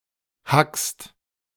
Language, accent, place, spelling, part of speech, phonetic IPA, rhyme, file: German, Germany, Berlin, hackst, verb, [hakst], -akst, De-hackst.ogg
- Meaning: second-person singular present of hacken